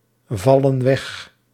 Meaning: inflection of wegvallen: 1. plural present indicative 2. plural present subjunctive
- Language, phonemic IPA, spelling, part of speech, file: Dutch, /ˈvɑlə(n) ˈwɛx/, vallen weg, verb, Nl-vallen weg.ogg